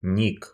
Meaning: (noun) Internet handle, nickname, alias; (verb) short masculine singular past indicative imperfective of ни́кнуть (níknutʹ)
- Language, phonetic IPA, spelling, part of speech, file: Russian, [nʲik], ник, noun / verb, Ru-ник.ogg